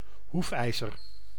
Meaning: horseshoe (metallic 'shoe' for an equine's hoof)
- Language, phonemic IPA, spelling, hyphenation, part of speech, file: Dutch, /ˈɦufˌɛi̯.zər/, hoefijzer, hoef‧ij‧zer, noun, Nl-hoefijzer.ogg